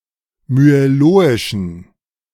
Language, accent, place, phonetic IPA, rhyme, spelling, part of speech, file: German, Germany, Berlin, [myeˈloːɪʃn̩], -oːɪʃn̩, myeloischen, adjective, De-myeloischen.ogg
- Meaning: inflection of myeloisch: 1. strong genitive masculine/neuter singular 2. weak/mixed genitive/dative all-gender singular 3. strong/weak/mixed accusative masculine singular 4. strong dative plural